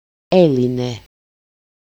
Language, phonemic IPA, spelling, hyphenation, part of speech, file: Greek, /ˈe.li.ne/, έλυνε, έ‧λυ‧νε, verb, El-έλυνε.ogg
- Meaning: third-person singular imperfect active indicative of λύνω (lýno)